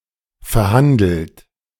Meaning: 1. past participle of verhandeln 2. inflection of verhandeln: third-person singular present 3. inflection of verhandeln: second-person plural present 4. inflection of verhandeln: plural imperative
- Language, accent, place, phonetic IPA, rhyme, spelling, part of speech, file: German, Germany, Berlin, [fɛɐ̯ˈhandl̩t], -andl̩t, verhandelt, verb, De-verhandelt.ogg